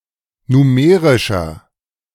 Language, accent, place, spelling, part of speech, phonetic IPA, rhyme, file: German, Germany, Berlin, numerischer, adjective, [nuˈmeːʁɪʃɐ], -eːʁɪʃɐ, De-numerischer.ogg
- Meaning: 1. comparative degree of numerisch 2. inflection of numerisch: strong/mixed nominative masculine singular 3. inflection of numerisch: strong genitive/dative feminine singular